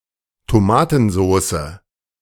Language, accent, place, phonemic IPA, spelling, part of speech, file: German, Germany, Berlin, /toˈmaːtn̩ˌzoːsə/, Tomatensoße, noun, De-Tomatensoße.ogg
- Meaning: tomato sauce